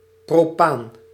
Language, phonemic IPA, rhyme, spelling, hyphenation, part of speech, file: Dutch, /proːˈpaːn/, -aːn, propaan, pro‧paan, noun, Nl-propaan.ogg
- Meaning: propane